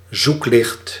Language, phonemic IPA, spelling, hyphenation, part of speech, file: Dutch, /ˈzuk.lɪxt/, zoeklicht, zoek‧licht, noun, Nl-zoeklicht.ogg
- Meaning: searchlight